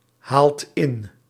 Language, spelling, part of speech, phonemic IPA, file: Dutch, haalt in, verb, /ˈhalt ˈɪn/, Nl-haalt in.ogg
- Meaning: inflection of inhalen: 1. second/third-person singular present indicative 2. plural imperative